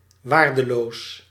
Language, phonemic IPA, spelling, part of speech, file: Dutch, /ˈʋardəˌlos/, waardeloos, adjective, Nl-waardeloos.ogg
- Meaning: worthless